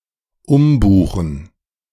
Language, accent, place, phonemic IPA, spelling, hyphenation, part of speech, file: German, Germany, Berlin, /ˈʊmbuːxŋ̍/, umbuchen, um‧bu‧chen, verb, De-umbuchen.ogg
- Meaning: 1. to rebook 2. to transfer (money)